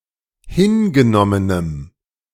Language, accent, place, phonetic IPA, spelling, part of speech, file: German, Germany, Berlin, [ˈhɪnɡəˌnɔmənəm], hingenommenem, adjective, De-hingenommenem.ogg
- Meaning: strong dative masculine/neuter singular of hingenommen